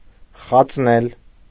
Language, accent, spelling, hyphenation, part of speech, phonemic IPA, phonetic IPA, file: Armenian, Eastern Armenian, խածնել, խած‧նել, verb, /χɑt͡sˈnel/, [χɑt͡snél], Hy-խածնել.ogg
- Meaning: alternative form of խածել (xacel)